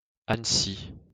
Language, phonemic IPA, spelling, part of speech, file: French, /an.si/, Annecy, proper noun, LL-Q150 (fra)-Annecy.wav
- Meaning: Annecy (a city, the capital of Haute-Savoie department, Auvergne-Rhône-Alpes, France)